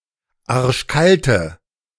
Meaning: inflection of arschkalt: 1. strong/mixed nominative/accusative feminine singular 2. strong nominative/accusative plural 3. weak nominative all-gender singular
- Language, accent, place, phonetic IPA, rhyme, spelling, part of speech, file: German, Germany, Berlin, [ˈaʁʃˈkaltə], -altə, arschkalte, adjective, De-arschkalte.ogg